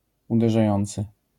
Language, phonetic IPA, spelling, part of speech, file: Polish, [ˌudɛʒaˈjɔ̃nt͡sɨ], uderzający, verb / adjective, LL-Q809 (pol)-uderzający.wav